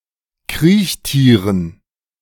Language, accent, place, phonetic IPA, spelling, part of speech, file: German, Germany, Berlin, [ˈkʁiːçˌtiːʁən], Kriechtieren, noun, De-Kriechtieren.ogg
- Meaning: dative plural of Kriechtier